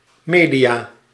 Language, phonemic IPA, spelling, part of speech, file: Dutch, /ˈmedija/, media, noun, Nl-media.ogg
- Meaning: plural of medium